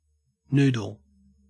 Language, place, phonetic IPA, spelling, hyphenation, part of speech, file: English, Queensland, [ˈnʉː.dl̩], noodle, nood‧le, noun / verb, En-au-noodle.ogg
- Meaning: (noun) A string or flat strip of pasta or other dough, usually cooked (at least initially) by boiling, and served in soup or in a dry form mixed with a sauce and other ingredients